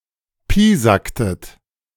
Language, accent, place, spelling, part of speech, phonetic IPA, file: German, Germany, Berlin, piesacktet, verb, [ˈpiːzaktət], De-piesacktet.ogg
- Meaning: inflection of piesacken: 1. second-person plural preterite 2. second-person plural subjunctive II